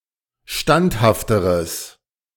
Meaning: strong/mixed nominative/accusative neuter singular comparative degree of standhaft
- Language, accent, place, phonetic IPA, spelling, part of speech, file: German, Germany, Berlin, [ˈʃtanthaftəʁəs], standhafteres, adjective, De-standhafteres.ogg